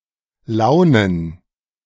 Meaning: plural of Laune
- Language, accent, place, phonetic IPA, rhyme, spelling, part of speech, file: German, Germany, Berlin, [ˈlaʊ̯nən], -aʊ̯nən, Launen, noun, De-Launen.ogg